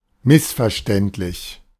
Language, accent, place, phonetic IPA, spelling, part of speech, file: German, Germany, Berlin, [ˈmɪsfɛɐ̯ʃtɛntlɪç], missverständlich, adjective / adverb, De-missverständlich.ogg
- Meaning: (adjective) misleading; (adverb) in a misleading fashion